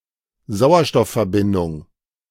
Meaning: oxygen compound
- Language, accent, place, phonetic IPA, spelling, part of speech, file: German, Germany, Berlin, [ˈzaʊ̯ɐʃtɔffɛɐ̯ˌbɪndʊŋ], Sauerstoffverbindung, noun, De-Sauerstoffverbindung.ogg